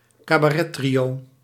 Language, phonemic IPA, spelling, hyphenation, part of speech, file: Dutch, /kaː.baːˈrɛˌtri.oː/, cabarettrio, ca‧ba‧ret‧trio, noun, Nl-cabarettrio.ogg
- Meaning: trio performing (in a) cabaret